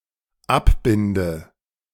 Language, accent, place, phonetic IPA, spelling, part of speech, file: German, Germany, Berlin, [ˈapˌbɪndə], abbinde, verb, De-abbinde.ogg
- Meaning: inflection of abbinden: 1. first-person singular dependent present 2. first/third-person singular dependent subjunctive I